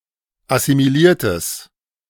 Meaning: strong/mixed nominative/accusative neuter singular of assimiliert
- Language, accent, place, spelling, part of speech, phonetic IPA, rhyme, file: German, Germany, Berlin, assimiliertes, adjective, [asimiˈliːɐ̯təs], -iːɐ̯təs, De-assimiliertes.ogg